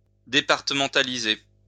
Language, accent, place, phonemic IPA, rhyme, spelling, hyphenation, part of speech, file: French, France, Lyon, /de.paʁ.tə.mɑ̃.ta.li.ze/, -e, départementaliser, dé‧par‧te‧men‧ta‧li‧ser, verb, LL-Q150 (fra)-départementaliser.wav
- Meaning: to departmentalize (to give department status to an overseas territory)